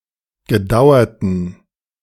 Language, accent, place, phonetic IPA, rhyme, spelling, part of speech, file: German, Germany, Berlin, [ɡəˈdaʊ̯ɐtn̩], -aʊ̯ɐtn̩, gedauerten, adjective, De-gedauerten.ogg
- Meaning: inflection of gedauert: 1. strong genitive masculine/neuter singular 2. weak/mixed genitive/dative all-gender singular 3. strong/weak/mixed accusative masculine singular 4. strong dative plural